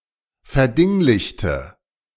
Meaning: inflection of verdinglichen: 1. first/third-person singular preterite 2. first/third-person singular subjunctive II
- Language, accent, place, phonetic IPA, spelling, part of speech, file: German, Germany, Berlin, [fɛɐ̯ˈdɪŋlɪçtə], verdinglichte, adjective / verb, De-verdinglichte.ogg